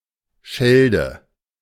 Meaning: Scheldt (a river in France, Belgium and the Netherlands, emptying into the North Sea)
- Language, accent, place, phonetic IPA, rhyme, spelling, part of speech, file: German, Germany, Berlin, [ˈʃɛldə], -ɛldə, Schelde, proper noun, De-Schelde.ogg